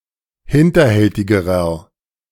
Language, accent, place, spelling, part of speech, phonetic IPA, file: German, Germany, Berlin, hinterhältigerer, adjective, [ˈhɪntɐˌhɛltɪɡəʁɐ], De-hinterhältigerer.ogg
- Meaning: inflection of hinterhältig: 1. strong/mixed nominative masculine singular comparative degree 2. strong genitive/dative feminine singular comparative degree 3. strong genitive plural comparative degree